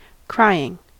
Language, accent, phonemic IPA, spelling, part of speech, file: English, US, /ˈkɹaɪ̯.ɪŋ/, crying, adjective / noun / verb, En-us-crying.ogg
- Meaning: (adjective) 1. That cries 2. That demands action or attention; desperate 3. That deserves rebuke or censure; deplorable; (noun) The act of one who cries; a weeping or shouting